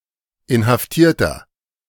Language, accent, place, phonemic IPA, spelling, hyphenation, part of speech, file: German, Germany, Berlin, /ɪnhafˈtiːɐ̯tɐ/, Inhaftierter, In‧haf‧tier‧ter, noun, De-Inhaftierter.ogg
- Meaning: 1. detainee (male or of unspecified gender) 2. inflection of Inhaftierte: strong genitive/dative singular 3. inflection of Inhaftierte: strong genitive plural